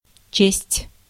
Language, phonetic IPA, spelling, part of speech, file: Russian, [t͡ɕesʲtʲ], честь, noun / verb, Ru-честь.ogg
- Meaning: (noun) 1. honor 2. regard, respect; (verb) 1. to read 2. to consider, to think, to suppose